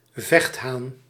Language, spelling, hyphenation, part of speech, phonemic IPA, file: Dutch, vechthaan, vecht‧haan, noun, /ˈvɛxt.ɦaːn/, Nl-vechthaan.ogg
- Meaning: 1. gamecock 2. brawler